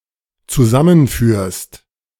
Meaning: second-person singular dependent present of zusammenführen
- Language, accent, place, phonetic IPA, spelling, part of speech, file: German, Germany, Berlin, [t͡suˈzamənˌfyːɐ̯st], zusammenführst, verb, De-zusammenführst.ogg